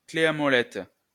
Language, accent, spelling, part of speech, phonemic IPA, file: French, France, clé à molette, noun, /kle a mɔ.lɛt/, LL-Q150 (fra)-clé à molette.wav
- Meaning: adjustable spanner, monkey wrench